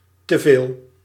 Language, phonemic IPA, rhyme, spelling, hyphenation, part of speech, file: Dutch, /təˈveːl/, -eːl, teveel, te‧veel, noun / adverb, Nl-teveel.ogg
- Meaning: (noun) excess; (adverb) alternative spelling of te veel